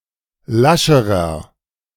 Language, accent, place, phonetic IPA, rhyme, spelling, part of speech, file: German, Germany, Berlin, [ˈlaʃəʁɐ], -aʃəʁɐ, lascherer, adjective, De-lascherer.ogg
- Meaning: inflection of lasch: 1. strong/mixed nominative masculine singular comparative degree 2. strong genitive/dative feminine singular comparative degree 3. strong genitive plural comparative degree